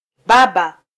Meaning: father (male parent)
- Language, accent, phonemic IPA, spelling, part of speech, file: Swahili, Kenya, /ˈɓɑ.ɓɑ/, baba, noun, Sw-ke-baba.flac